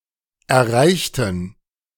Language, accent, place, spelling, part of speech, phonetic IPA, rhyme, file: German, Germany, Berlin, erreichten, adjective / verb, [ɛɐ̯ˈʁaɪ̯çtn̩], -aɪ̯çtn̩, De-erreichten.ogg
- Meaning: inflection of erreichen: 1. first/third-person plural preterite 2. first/third-person plural subjunctive II